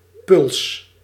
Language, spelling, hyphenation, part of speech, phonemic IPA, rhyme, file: Dutch, puls, puls, noun / verb, /pʏls/, -ʏls, Nl-puls.ogg
- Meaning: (noun) a pulse (e.g. of a shock, heartbeat or sonar); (verb) inflection of pulsen: 1. first-person singular present indicative 2. second-person singular present indicative 3. imperative